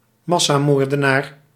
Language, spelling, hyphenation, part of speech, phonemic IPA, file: Dutch, massamoordenaar, mas‧sa‧moor‧de‧naar, noun, /ˈmɑ.saːˌmoːr.də.naːr/, Nl-massamoordenaar.ogg
- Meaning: mass murderer